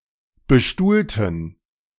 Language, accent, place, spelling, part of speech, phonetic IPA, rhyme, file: German, Germany, Berlin, bestuhlten, adjective / verb, [bəˈʃtuːltn̩], -uːltn̩, De-bestuhlten.ogg
- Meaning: inflection of bestuhlen: 1. first/third-person plural preterite 2. first/third-person plural subjunctive II